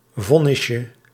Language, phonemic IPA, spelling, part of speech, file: Dutch, /ˈvɔnɪʃə/, vonnisje, noun, Nl-vonnisje.ogg
- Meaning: diminutive of vonnis